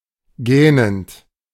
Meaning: present participle of gähnen
- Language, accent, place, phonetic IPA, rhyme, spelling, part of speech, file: German, Germany, Berlin, [ˈɡɛːnənt], -ɛːnənt, gähnend, verb, De-gähnend.ogg